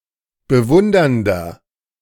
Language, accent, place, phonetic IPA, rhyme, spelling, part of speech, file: German, Germany, Berlin, [bəˈvʊndɐndɐ], -ʊndɐndɐ, bewundernder, adjective, De-bewundernder.ogg
- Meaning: inflection of bewundernd: 1. strong/mixed nominative masculine singular 2. strong genitive/dative feminine singular 3. strong genitive plural